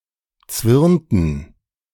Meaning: inflection of zwirnen: 1. first/third-person plural preterite 2. first/third-person plural subjunctive II
- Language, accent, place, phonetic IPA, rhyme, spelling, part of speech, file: German, Germany, Berlin, [ˈt͡svɪʁntn̩], -ɪʁntn̩, zwirnten, verb, De-zwirnten.ogg